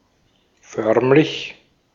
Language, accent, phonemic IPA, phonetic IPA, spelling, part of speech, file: German, Austria, /ˈfœʁmlɪç/, [ˈfœɐ̯mlɪç], förmlich, adjective / adverb, De-at-förmlich.ogg
- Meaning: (adjective) formal, ceremonial, official; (adverb) downright